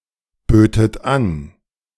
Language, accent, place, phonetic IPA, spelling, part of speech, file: German, Germany, Berlin, [ˌbøːtət ˈan], bötet an, verb, De-bötet an.ogg
- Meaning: second-person plural subjunctive II of anbieten